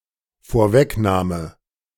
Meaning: anticipation
- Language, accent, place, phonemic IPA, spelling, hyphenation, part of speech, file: German, Germany, Berlin, /foːɐ̯ˈvɛkˌnaːmə/, Vorwegnahme, Vor‧weg‧nah‧me, noun, De-Vorwegnahme.ogg